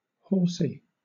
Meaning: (adjective) 1. Of, relating to, or similar to horses 2. Involved in breeding or riding horses 3. Clumsy, clunky, bulky, inelegant, or unrefined; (noun) A child's term or name for a horse
- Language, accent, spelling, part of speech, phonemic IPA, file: English, Southern England, horsy, adjective / noun, /ˈhɔːsi/, LL-Q1860 (eng)-horsy.wav